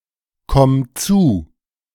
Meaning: singular imperative of zukommen
- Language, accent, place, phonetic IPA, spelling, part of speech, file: German, Germany, Berlin, [ˌkɔm ˈt͡suː], komm zu, verb, De-komm zu.ogg